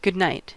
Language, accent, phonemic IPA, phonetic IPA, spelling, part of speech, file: English, US, /ɡʊd ˈnaɪt/, [ɡʊd̚ˈnäɪt], good night, phrase, En-us-good night.ogg
- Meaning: 1. A farewell said in the evening or before going to sleep 2. Expressing incredulity